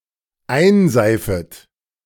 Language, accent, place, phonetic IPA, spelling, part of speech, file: German, Germany, Berlin, [ˈaɪ̯nˌzaɪ̯fət], einseifet, verb, De-einseifet.ogg
- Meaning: second-person plural dependent subjunctive I of einseifen